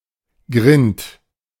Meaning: 1. scab (on a wound) 2. various kinds of scab-like skin diseases or conditions, such as scabies, scurf, dandruff 3. head 4. animal head
- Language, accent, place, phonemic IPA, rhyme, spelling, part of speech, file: German, Germany, Berlin, /ɡʁɪnt/, -ɪnt, Grind, noun, De-Grind.ogg